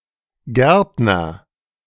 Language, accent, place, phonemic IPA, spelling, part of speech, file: German, Germany, Berlin, /ˈɡɛʁtnɐ/, Gärtner, noun, De-Gärtner.ogg
- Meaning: gardener